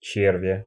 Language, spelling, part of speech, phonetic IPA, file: Russian, червя, noun, [t͡ɕɪrˈvʲa], Ru-че́рвя.ogg
- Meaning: inflection of червь (červʹ): 1. genitive singular 2. animate accusative singular